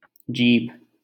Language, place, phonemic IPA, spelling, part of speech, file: Hindi, Delhi, /d͡ʒiːbʱ/, जीभ, noun, LL-Q1568 (hin)-जीभ.wav
- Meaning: tongue